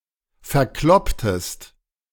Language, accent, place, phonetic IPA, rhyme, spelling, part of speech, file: German, Germany, Berlin, [fɛɐ̯ˈklɔptəst], -ɔptəst, verklopptest, verb, De-verklopptest.ogg
- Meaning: inflection of verkloppen: 1. second-person singular preterite 2. second-person singular subjunctive II